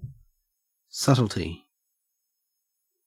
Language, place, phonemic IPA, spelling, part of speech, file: English, Queensland, /ˈsɐt(ə)lti/, subtlety, noun, En-au-subtlety.ogg
- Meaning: The quality of being subtle.: The quality of being scarcely noticeable or difficult to discern. (of things)